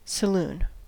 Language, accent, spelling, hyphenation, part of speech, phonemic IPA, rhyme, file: English, US, saloon, sa‧loon, noun, /səˈlun/, -uːn, En-us-saloon.ogg
- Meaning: 1. A tavern, especially in an American Old West setting 2. A lounge bar in an English public house, contrasted with the public bar